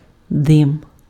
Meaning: smoke
- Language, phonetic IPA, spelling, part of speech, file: Ukrainian, [dɪm], дим, noun, Uk-дим.ogg